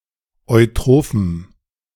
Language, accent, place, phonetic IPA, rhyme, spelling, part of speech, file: German, Germany, Berlin, [ɔɪ̯ˈtʁoːfm̩], -oːfm̩, eutrophem, adjective, De-eutrophem.ogg
- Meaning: strong dative masculine/neuter singular of eutroph